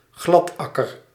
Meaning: a sneak, a cheat, a slick
- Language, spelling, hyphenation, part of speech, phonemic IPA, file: Dutch, gladakker, glad‧ak‧ker, noun, /ˈɣlɑtˌɑ.kər/, Nl-gladakker.ogg